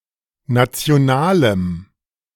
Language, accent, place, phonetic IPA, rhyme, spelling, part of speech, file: German, Germany, Berlin, [ˌnat͡si̯oˈnaːləm], -aːləm, nationalem, adjective, De-nationalem.ogg
- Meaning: strong dative masculine/neuter singular of national